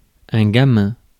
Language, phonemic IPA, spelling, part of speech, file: French, /ɡa.mɛ̃/, gamin, noun / adjective, Fr-gamin.ogg
- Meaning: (noun) 1. street urchin, street kid 2. kid; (adjective) mischievous, naughty